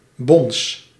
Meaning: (noun) 1. thump, knock, bang 2. alternative form of bonze 3. plural of bon; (verb) inflection of bonzen: 1. first-person singular present indicative 2. second-person singular present indicative
- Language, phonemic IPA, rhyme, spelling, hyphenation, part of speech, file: Dutch, /bɔns/, -ɔns, bons, bons, noun / verb, Nl-bons.ogg